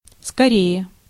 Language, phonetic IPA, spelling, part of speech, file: Russian, [skɐˈrʲeje], скорее, adverb, Ru-скорее.ogg
- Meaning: 1. comparative degree of ско́рый (skóryj): faster, quicker 2. comparative degree of ско́ро (skóro): sooner, rather 3. more exactly, more likely 4. be quick!